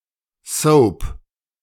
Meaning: soap opera
- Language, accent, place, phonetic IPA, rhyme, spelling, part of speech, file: German, Germany, Berlin, [sɔʊ̯p], -ɔʊ̯p, Soap, noun, De-Soap.ogg